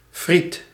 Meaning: alternative spelling of friet
- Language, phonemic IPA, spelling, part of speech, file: Dutch, /frit/, frites, noun, Nl-frites.ogg